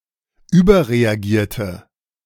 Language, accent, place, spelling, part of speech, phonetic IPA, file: German, Germany, Berlin, überreagierte, verb, [ˈyːbɐʁeaˌɡiːɐ̯tə], De-überreagierte.ogg
- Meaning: inflection of überreagieren: 1. first/third-person singular preterite 2. first/third-person singular subjunctive II